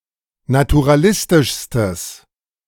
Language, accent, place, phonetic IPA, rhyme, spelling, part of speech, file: German, Germany, Berlin, [natuʁaˈlɪstɪʃstəs], -ɪstɪʃstəs, naturalistischstes, adjective, De-naturalistischstes.ogg
- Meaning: strong/mixed nominative/accusative neuter singular superlative degree of naturalistisch